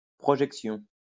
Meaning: 1. projection 2. screening or viewing of a film
- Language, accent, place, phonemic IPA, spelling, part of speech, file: French, France, Lyon, /pʁɔ.ʒɛk.sjɔ̃/, projection, noun, LL-Q150 (fra)-projection.wav